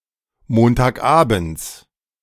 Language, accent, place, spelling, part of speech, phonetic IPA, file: German, Germany, Berlin, Montagabends, noun, [ˌmoːntaːkˈʔaːbn̩t͡s], De-Montagabends.ogg
- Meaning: genitive of Montagabend